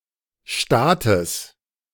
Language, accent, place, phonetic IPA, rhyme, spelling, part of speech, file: German, Germany, Berlin, [ˈʃtaːtəs], -aːtəs, Staates, noun, De-Staates.ogg
- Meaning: genitive singular of Staat